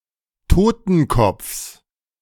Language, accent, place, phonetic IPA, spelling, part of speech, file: German, Germany, Berlin, [ˈtoːtn̩ˌkɔp͡fs], Totenkopfs, noun, De-Totenkopfs.ogg
- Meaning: genitive singular of Totenkopf